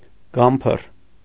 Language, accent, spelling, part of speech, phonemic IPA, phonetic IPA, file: Armenian, Eastern Armenian, գամփռ, noun, /ˈɡɑmpʰər/, [ɡɑ́mpʰər], Hy-գամփռ.ogg
- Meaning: any large and powerful dog, especially the Caucasian Shepherd Dog